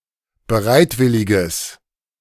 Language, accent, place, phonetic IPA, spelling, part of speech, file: German, Germany, Berlin, [bəˈʁaɪ̯tˌvɪlɪɡəs], bereitwilliges, adjective, De-bereitwilliges.ogg
- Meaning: strong/mixed nominative/accusative neuter singular of bereitwillig